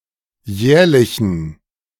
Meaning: inflection of jährlich: 1. strong genitive masculine/neuter singular 2. weak/mixed genitive/dative all-gender singular 3. strong/weak/mixed accusative masculine singular 4. strong dative plural
- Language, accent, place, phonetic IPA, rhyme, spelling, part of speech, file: German, Germany, Berlin, [ˈjɛːɐ̯lɪçn̩], -ɛːɐ̯lɪçn̩, jährlichen, adjective, De-jährlichen.ogg